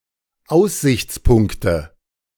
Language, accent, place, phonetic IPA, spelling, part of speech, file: German, Germany, Berlin, [ˈaʊ̯szɪçt͡sˌpʊŋktə], Aussichtspunkte, noun, De-Aussichtspunkte.ogg
- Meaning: nominative/accusative/genitive plural of Aussichtspunkt